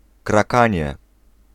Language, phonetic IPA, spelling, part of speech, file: Polish, [kraˈkãɲɛ], krakanie, noun, Pl-krakanie.ogg